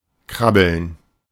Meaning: 1. to crawl (typically, but not always, of a baby or insect) 2. to tickle, especially by making fast movements with all fingers of one hand
- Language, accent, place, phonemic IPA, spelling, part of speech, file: German, Germany, Berlin, /ˈkʁabəln/, krabbeln, verb, De-krabbeln.ogg